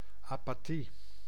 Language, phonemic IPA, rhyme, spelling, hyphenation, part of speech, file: Dutch, /ˌaː.paːˈti/, -i, apathie, apa‧thie, noun, Nl-apathie.ogg
- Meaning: apathy